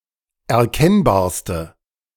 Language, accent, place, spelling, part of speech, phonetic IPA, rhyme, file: German, Germany, Berlin, erkennbarste, adjective, [ɛɐ̯ˈkɛnbaːɐ̯stə], -ɛnbaːɐ̯stə, De-erkennbarste.ogg
- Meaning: inflection of erkennbar: 1. strong/mixed nominative/accusative feminine singular superlative degree 2. strong nominative/accusative plural superlative degree